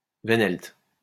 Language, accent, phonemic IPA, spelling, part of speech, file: French, France, /ve.nɛlt/, wehnelt, noun, LL-Q150 (fra)-wehnelt.wav
- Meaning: Wehnelt cylinder